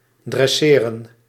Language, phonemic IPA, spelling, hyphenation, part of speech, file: Dutch, /ˌdrɛˈseː.rə(n)/, dresseren, dres‧se‧ren, verb, Nl-dresseren.ogg
- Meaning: to train